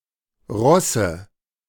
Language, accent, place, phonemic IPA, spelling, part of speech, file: German, Germany, Berlin, /ˈʁɔsə/, Rosse, noun, De-Rosse.ogg
- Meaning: nominative/accusative/genitive plural of Ross